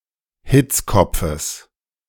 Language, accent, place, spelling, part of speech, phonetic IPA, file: German, Germany, Berlin, Hitzkopfes, noun, [ˈhɪt͡sˌkɔp͡fəs], De-Hitzkopfes.ogg
- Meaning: genitive singular of Hitzkopf